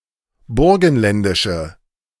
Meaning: inflection of burgenländisch: 1. strong/mixed nominative/accusative feminine singular 2. strong nominative/accusative plural 3. weak nominative all-gender singular
- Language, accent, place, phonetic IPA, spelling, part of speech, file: German, Germany, Berlin, [ˈbʊʁɡn̩ˌlɛndɪʃə], burgenländische, adjective, De-burgenländische.ogg